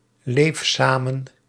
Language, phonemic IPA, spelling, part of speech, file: Dutch, /ˈlef ˈsamə(n)/, leef samen, verb, Nl-leef samen.ogg
- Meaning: inflection of samenleven: 1. first-person singular present indicative 2. second-person singular present indicative 3. imperative